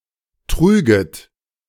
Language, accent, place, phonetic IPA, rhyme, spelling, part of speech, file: German, Germany, Berlin, [ˈtʁyːɡət], -yːɡət, trüget, verb, De-trüget.ogg
- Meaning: second-person plural subjunctive II of tragen